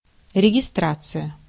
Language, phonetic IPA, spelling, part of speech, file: Russian, [rʲɪɡʲɪˈstrat͡sɨjə], регистрация, noun, Ru-регистрация.ogg
- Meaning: 1. registration (the act of signing up or registering for something) 2. check-in